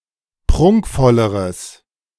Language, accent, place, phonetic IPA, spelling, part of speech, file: German, Germany, Berlin, [ˈpʁʊŋkfɔləʁəs], prunkvolleres, adjective, De-prunkvolleres.ogg
- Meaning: strong/mixed nominative/accusative neuter singular comparative degree of prunkvoll